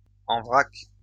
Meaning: 1. loose, in bulk, unpackaged 2. higgledy-piggledy, in disorder 3. in rough
- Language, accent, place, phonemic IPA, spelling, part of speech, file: French, France, Lyon, /ɑ̃ vʁak/, en vrac, adjective, LL-Q150 (fra)-en vrac.wav